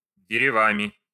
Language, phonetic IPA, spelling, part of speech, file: Russian, [dʲɪrʲɪˈvamʲɪ], деревами, noun, Ru-дерева́ми.ogg
- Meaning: instrumental plural of де́рево (dérevo)